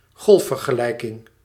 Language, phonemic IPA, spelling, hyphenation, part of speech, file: Dutch, /ˈɣɔlf.vər.ɣəˌlɛi̯.kɪŋ/, golfvergelijking, golf‧ver‧ge‧lij‧king, noun, Nl-golfvergelijking.ogg
- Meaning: wave equation, in particular Schrödinger's wave equation